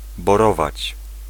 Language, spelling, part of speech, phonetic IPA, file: Polish, borować, verb, [bɔˈrɔvat͡ɕ], Pl-borować.ogg